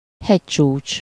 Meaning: peak (mountain top)
- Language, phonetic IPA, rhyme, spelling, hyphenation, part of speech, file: Hungarian, [ˈhɛct͡ʃuːt͡ʃ], -uːt͡ʃ, hegycsúcs, hegy‧csúcs, noun, Hu-hegycsúcs.ogg